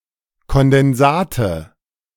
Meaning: nominative/accusative/genitive plural of Kondensat
- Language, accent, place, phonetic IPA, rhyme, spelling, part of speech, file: German, Germany, Berlin, [kɔndɛnˈzaːtə], -aːtə, Kondensate, noun, De-Kondensate.ogg